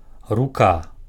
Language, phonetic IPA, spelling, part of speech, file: Belarusian, [ruˈka], рука, noun, Be-рука.ogg
- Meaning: 1. hand 2. arm